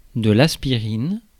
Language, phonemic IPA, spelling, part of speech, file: French, /as.pi.ʁin/, aspirine, noun, Fr-aspirine.ogg
- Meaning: an aspirin (analgesic drug)